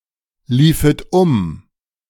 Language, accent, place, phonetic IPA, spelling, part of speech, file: German, Germany, Berlin, [ˌliːfət ˈʊm], liefet um, verb, De-liefet um.ogg
- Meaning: second-person plural subjunctive II of umlaufen